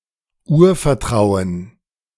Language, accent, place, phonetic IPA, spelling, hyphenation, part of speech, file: German, Germany, Berlin, [ˈuːɐ̯fɛɐ̯ˌtʁaʊ̯ən], Urvertrauen, Ur‧ver‧trau‧en, noun, De-Urvertrauen.ogg
- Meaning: 1. basic trust (the confidence of a child in the presence of their mother) 2. strong confidence that is not questioned